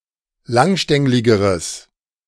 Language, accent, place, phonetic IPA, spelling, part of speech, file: German, Germany, Berlin, [ˈlaŋˌʃtɛŋlɪɡəʁəs], langstängligeres, adjective, De-langstängligeres.ogg
- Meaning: strong/mixed nominative/accusative neuter singular comparative degree of langstänglig